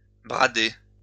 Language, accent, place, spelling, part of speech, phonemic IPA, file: French, France, Lyon, brader, verb, /bʁa.de/, LL-Q150 (fra)-brader.wav
- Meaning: 1. to sell at cut-price, to sell in a sale 2. to sell off 3. to sell down the river